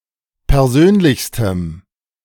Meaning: strong dative masculine/neuter singular superlative degree of persönlich
- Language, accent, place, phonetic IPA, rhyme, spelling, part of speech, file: German, Germany, Berlin, [pɛʁˈzøːnlɪçstəm], -øːnlɪçstəm, persönlichstem, adjective, De-persönlichstem.ogg